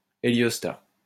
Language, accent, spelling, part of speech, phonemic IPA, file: French, France, héliostat, noun, /e.ljɔs.ta/, LL-Q150 (fra)-héliostat.wav
- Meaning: heliostat